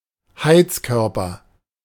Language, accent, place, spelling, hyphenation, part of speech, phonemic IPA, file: German, Germany, Berlin, Heizkörper, Heiz‧kör‧per, noun, /ˈhaɪ̯t͡sˌkœʁpɐ/, De-Heizkörper.ogg
- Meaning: radiator